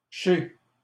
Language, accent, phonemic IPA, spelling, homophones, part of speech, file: French, Canada, /ʃe/, ché, chais / chez, contraction, LL-Q150 (fra)-ché.wav
- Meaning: alternative form of chais